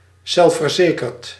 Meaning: self-confident, self-assured
- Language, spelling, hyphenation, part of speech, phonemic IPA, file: Dutch, zelfverzekerd, zelf‧ver‧ze‧kerd, adjective, /ˌzɛl.fərˈzeː.kərt/, Nl-zelfverzekerd.ogg